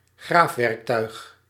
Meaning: digging tool, digging implement
- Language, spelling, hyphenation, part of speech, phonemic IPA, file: Dutch, graafwerktuig, graaf‧werk‧tuig, noun, /ˈɣraːf.ʋɛrkˌtœy̯x/, Nl-graafwerktuig.ogg